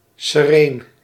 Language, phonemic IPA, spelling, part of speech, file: Dutch, /səˈreːn/, sereen, adjective, Nl-sereen.ogg
- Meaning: serene, peaceful